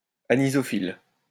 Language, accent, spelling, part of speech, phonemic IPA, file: French, France, anisophylle, adjective, /a.ni.zɔ.fil/, LL-Q150 (fra)-anisophylle.wav
- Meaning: anisophyllous